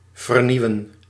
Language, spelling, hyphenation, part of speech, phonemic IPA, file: Dutch, vernieuwen, ver‧nieu‧wen, verb, /vərˈniu̯ə(n)/, Nl-vernieuwen.ogg
- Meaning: to renew